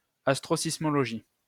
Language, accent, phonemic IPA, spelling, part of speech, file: French, France, /as.tʁo.sis.mɔ.lɔ.ʒi/, astrosismologie, noun, LL-Q150 (fra)-astrosismologie.wav
- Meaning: astroseismology